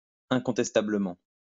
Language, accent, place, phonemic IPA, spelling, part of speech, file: French, France, Lyon, /ɛ̃.kɔ̃.tɛs.ta.blə.mɑ̃/, incontestablement, adverb, LL-Q150 (fra)-incontestablement.wav
- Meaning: undeniably